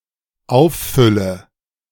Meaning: inflection of auffüllen: 1. first-person singular dependent present 2. first/third-person singular dependent subjunctive I
- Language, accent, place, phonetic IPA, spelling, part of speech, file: German, Germany, Berlin, [ˈaʊ̯fˌfʏlə], auffülle, verb, De-auffülle.ogg